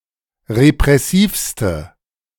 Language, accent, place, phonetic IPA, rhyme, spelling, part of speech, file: German, Germany, Berlin, [ʁepʁɛˈsiːfstə], -iːfstə, repressivste, adjective, De-repressivste.ogg
- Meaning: inflection of repressiv: 1. strong/mixed nominative/accusative feminine singular superlative degree 2. strong nominative/accusative plural superlative degree